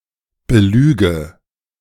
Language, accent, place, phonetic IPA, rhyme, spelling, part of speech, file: German, Germany, Berlin, [bəˈlyːɡə], -yːɡə, belüge, verb, De-belüge.ogg
- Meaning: inflection of belügen: 1. first-person singular present 2. first/third-person singular subjunctive I 3. singular imperative